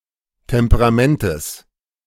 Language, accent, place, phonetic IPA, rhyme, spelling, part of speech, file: German, Germany, Berlin, [tɛmpəʁaˈmɛntəs], -ɛntəs, Temperamentes, noun, De-Temperamentes.ogg
- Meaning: genitive singular of Temperament